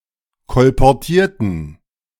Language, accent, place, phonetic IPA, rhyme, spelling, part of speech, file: German, Germany, Berlin, [kɔlpɔʁˈtiːɐ̯tn̩], -iːɐ̯tn̩, kolportierten, adjective / verb, De-kolportierten.ogg
- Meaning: inflection of kolportieren: 1. first/third-person plural preterite 2. first/third-person plural subjunctive II